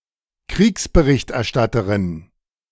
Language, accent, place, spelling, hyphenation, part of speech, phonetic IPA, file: German, Germany, Berlin, Kriegsberichterstatterin, Kriegs‧be‧richt‧er‧stat‧te‧rin, noun, [ˈkʁiːksbəʁɪçtʔɛɐ̯ˌʃtatəʁɪn], De-Kriegsberichterstatterin.ogg
- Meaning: female equivalent of Kriegsberichterstatter: war correspondent, war reporter